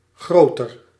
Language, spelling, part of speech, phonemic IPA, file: Dutch, groter, adjective, /ˈɣrotər/, Nl-groter.ogg
- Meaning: comparative degree of groot